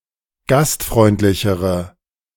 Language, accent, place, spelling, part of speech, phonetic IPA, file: German, Germany, Berlin, gastfreundlichere, adjective, [ˈɡastˌfʁɔɪ̯ntlɪçəʁə], De-gastfreundlichere.ogg
- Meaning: inflection of gastfreundlich: 1. strong/mixed nominative/accusative feminine singular comparative degree 2. strong nominative/accusative plural comparative degree